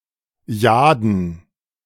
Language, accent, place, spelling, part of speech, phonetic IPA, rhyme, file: German, Germany, Berlin, Jaden, noun, [ˈjaːdn̩], -aːdn̩, De-Jaden.ogg
- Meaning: 1. nominative plural of Jade 2. genitive plural of Jade 3. dative plural of Jade 4. accusative plural of Jade